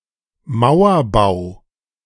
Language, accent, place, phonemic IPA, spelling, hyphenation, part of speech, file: German, Germany, Berlin, /ˈmaʊ̯ɐˌbaʊ̯/, Mauerbau, Mau‧er‧bau, noun / proper noun, De-Mauerbau.ogg
- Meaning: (noun) 1. wall construction 2. wall (typically free-standing and as part of a monument or larger complex); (proper noun) construction of the Berlin Wall